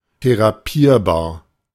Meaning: treatable (with a therapy)
- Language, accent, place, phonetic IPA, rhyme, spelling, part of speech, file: German, Germany, Berlin, [teʁaˈpiːɐ̯baːɐ̯], -iːɐ̯baːɐ̯, therapierbar, adjective, De-therapierbar.ogg